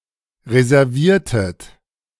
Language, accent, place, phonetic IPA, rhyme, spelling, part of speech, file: German, Germany, Berlin, [ʁezɛʁˈviːɐ̯tət], -iːɐ̯tət, reserviertet, verb, De-reserviertet.ogg
- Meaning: inflection of reservieren: 1. second-person plural preterite 2. second-person plural subjunctive II